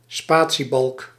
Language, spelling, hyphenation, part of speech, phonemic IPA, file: Dutch, spatiebalk, spa‧tie‧balk, noun, /ˈspaː.(t)siˌbɑlk/, Nl-spatiebalk.ogg
- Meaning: space bar